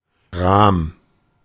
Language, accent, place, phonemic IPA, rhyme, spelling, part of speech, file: German, Germany, Berlin, /ʁaːm/, -aːm, Rahm, noun, De-Rahm.ogg
- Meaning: cream (milkfat)